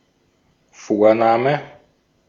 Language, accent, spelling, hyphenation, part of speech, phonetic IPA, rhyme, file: German, Austria, Vorname, Vor‧na‧me, noun, [ˈfoːɐ̯ˌnaːmə], -aːmə, De-at-Vorname.ogg
- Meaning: given name (name chosen for a child by its parents)